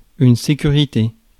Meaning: security, safety
- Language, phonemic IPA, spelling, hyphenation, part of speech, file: French, /se.ky.ʁi.te/, sécurité, sé‧cu‧ri‧té, noun, Fr-sécurité.ogg